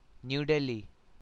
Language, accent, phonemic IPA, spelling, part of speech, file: English, India, /n(j)uː ˈdɛli/, New Delhi, proper noun, New Delhi.ogg
- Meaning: 1. The capital city of India, located in the national capital territory of Delhi 2. A district of Delhi, India 3. The government of India